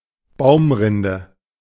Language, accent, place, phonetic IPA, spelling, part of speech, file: German, Germany, Berlin, [ˈbaʊ̯mˌʁɪndə], Baumrinde, noun, De-Baumrinde.ogg
- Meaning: bark (of tree)